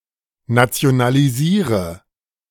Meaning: inflection of nationalisieren: 1. first-person singular present 2. first/third-person singular subjunctive I 3. singular imperative
- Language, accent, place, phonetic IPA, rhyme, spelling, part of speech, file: German, Germany, Berlin, [nat͡si̯onaliˈziːʁə], -iːʁə, nationalisiere, verb, De-nationalisiere.ogg